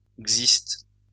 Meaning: xyst; xystus
- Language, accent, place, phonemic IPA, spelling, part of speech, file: French, France, Lyon, /ɡzist/, xyste, noun, LL-Q150 (fra)-xyste.wav